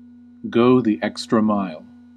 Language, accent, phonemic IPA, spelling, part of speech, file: English, US, /ˈɡoʊ ði ˈɛk.stɹə ˈmaɪl/, go the extra mile, verb, En-us-go the extra mile.ogg
- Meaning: To make an extra effort; to do a particularly good job